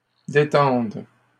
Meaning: third-person plural present indicative/subjunctive of détendre
- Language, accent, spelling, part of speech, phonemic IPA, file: French, Canada, détendent, verb, /de.tɑ̃d/, LL-Q150 (fra)-détendent.wav